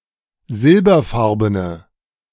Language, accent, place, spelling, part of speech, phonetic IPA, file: German, Germany, Berlin, silberfarbene, adjective, [ˈzɪlbɐˌfaʁbənə], De-silberfarbene.ogg
- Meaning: inflection of silberfarben: 1. strong/mixed nominative/accusative feminine singular 2. strong nominative/accusative plural 3. weak nominative all-gender singular